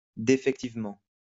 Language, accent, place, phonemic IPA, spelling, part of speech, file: French, France, Lyon, /de.fɛk.tiv.mɑ̃/, défectivement, adverb, LL-Q150 (fra)-défectivement.wav
- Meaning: defectively